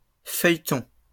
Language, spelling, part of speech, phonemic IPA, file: French, feuilletons, noun / verb, /fœj.tɔ̃/, LL-Q150 (fra)-feuilletons.wav
- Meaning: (noun) plural of feuilleton; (verb) inflection of feuilleter: 1. first-person plural present indicative 2. first-person plural imperative